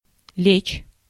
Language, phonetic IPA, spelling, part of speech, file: Russian, [lʲet͡ɕ], лечь, verb, Ru-лечь.ogg
- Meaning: 1. to lie down 2. to fall, to cover (of snow etc. on the ground) 3. to flow, to adhere (of paint being applied to a surface) 4. to heave (to move in a certain direction or into a certain situation)